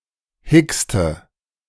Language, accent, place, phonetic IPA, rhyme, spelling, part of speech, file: German, Germany, Berlin, [ˈhɪkstə], -ɪkstə, hickste, verb, De-hickste.ogg
- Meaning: inflection of hicksen: 1. first/third-person singular preterite 2. first/third-person singular subjunctive II